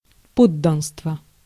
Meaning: 1. citizenship (state of being a citizen) 2. nationality (state of owing allegiance to a state)
- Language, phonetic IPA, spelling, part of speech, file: Russian, [ˈpodːənstvə], подданство, noun, Ru-подданство.ogg